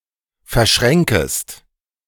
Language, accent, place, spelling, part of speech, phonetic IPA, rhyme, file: German, Germany, Berlin, verschränkest, verb, [fɛɐ̯ˈʃʁɛŋkəst], -ɛŋkəst, De-verschränkest.ogg
- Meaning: second-person singular subjunctive I of verschränken